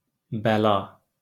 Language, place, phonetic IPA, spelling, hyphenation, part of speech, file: Azerbaijani, Baku, [bæˈɫɑ(ː)], bəla, bə‧la, noun, LL-Q9292 (aze)-bəla.wav
- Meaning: 1. affliction 2. misfortune, mischief